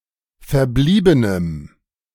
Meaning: strong dative masculine/neuter singular of verblieben
- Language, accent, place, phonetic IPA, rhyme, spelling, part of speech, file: German, Germany, Berlin, [fɛɐ̯ˈbliːbənəm], -iːbənəm, verbliebenem, adjective, De-verbliebenem.ogg